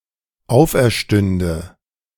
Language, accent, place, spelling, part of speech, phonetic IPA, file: German, Germany, Berlin, auferstünde, verb, [ˈaʊ̯fʔɛɐ̯ˌʃtʏndə], De-auferstünde.ogg
- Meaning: first/third-person singular dependent subjunctive II of auferstehen